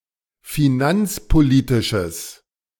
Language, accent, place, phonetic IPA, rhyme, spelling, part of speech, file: German, Germany, Berlin, [fiˈnant͡spoˌliːtɪʃəs], -ant͡spoliːtɪʃəs, finanzpolitisches, adjective, De-finanzpolitisches.ogg
- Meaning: strong/mixed nominative/accusative neuter singular of finanzpolitisch